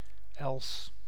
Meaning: 1. alder (tree of the genus Alnus) 2. awl 3. bodkin
- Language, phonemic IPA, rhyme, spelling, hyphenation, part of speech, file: Dutch, /ɛls/, -ɛls, els, els, noun, Nl-els.ogg